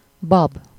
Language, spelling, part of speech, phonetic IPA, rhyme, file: Hungarian, bab, noun, [ˈbɒb], -ɒb, Hu-bab.ogg
- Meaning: bean